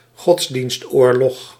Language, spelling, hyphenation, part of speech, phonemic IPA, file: Dutch, godsdienstoorlog, gods‧dienst‧oor‧log, noun, /ˈɣɔts.dinstˌoːr.lɔx/, Nl-godsdienstoorlog.ogg
- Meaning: war of religion, religious war